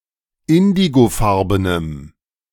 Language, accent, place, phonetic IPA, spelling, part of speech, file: German, Germany, Berlin, [ˈɪndiɡoˌfaʁbənəm], indigofarbenem, adjective, De-indigofarbenem.ogg
- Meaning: strong dative masculine/neuter singular of indigofarben